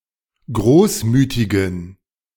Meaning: inflection of großmütig: 1. strong genitive masculine/neuter singular 2. weak/mixed genitive/dative all-gender singular 3. strong/weak/mixed accusative masculine singular 4. strong dative plural
- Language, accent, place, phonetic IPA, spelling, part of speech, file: German, Germany, Berlin, [ˈɡʁoːsˌmyːtɪɡn̩], großmütigen, adjective, De-großmütigen.ogg